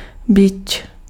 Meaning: whip
- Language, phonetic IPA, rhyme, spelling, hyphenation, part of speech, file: Czech, [ˈbɪt͡ʃ], -ɪtʃ, bič, bič, noun, Cs-bič.ogg